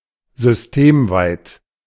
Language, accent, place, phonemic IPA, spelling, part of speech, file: German, Germany, Berlin, /zʏsˈteːmˌvaɪ̯t/, systemweit, adjective, De-systemweit.ogg
- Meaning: systemwide